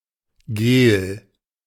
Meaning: gel
- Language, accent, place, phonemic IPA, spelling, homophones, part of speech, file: German, Germany, Berlin, /ɡeːl/, Gel, gehl, noun, De-Gel.ogg